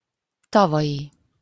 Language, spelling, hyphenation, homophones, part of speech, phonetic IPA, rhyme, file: Hungarian, tavalyi, ta‧va‧lyi, tavai, adjective, [ˈtɒvɒji], -ji, Hu-tavalyi.opus
- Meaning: of last year, last year's